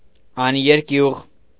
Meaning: fearless, brave
- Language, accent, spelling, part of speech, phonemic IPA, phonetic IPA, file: Armenian, Eastern Armenian, աներկյուղ, adjective, /ɑneɾˈkjuʁ/, [ɑneɾkjúʁ], Hy-աներկյուղ.ogg